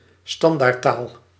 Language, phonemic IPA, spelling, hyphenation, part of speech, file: Dutch, /ˈstɑn.daːrtˌtaːl/, standaardtaal, stan‧daard‧taal, noun, Nl-standaardtaal.ogg
- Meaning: standard language